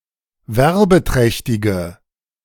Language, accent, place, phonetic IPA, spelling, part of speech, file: German, Germany, Berlin, [ˈvɛʁbəˌtʁɛçtɪɡə], werbeträchtige, adjective, De-werbeträchtige.ogg
- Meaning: inflection of werbeträchtig: 1. strong/mixed nominative/accusative feminine singular 2. strong nominative/accusative plural 3. weak nominative all-gender singular